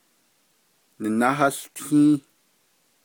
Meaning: third-person iterative of nahałtin
- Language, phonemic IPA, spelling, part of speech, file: Navajo, /nɪ̀nɑ́hɑ́ɬtʰĩ́ːh/, nináháłtį́į́h, verb, Nv-nináháłtį́į́h.ogg